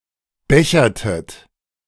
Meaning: inflection of bechern: 1. second-person plural preterite 2. second-person plural subjunctive II
- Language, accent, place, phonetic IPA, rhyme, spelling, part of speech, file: German, Germany, Berlin, [ˈbɛçɐtət], -ɛçɐtət, bechertet, verb, De-bechertet.ogg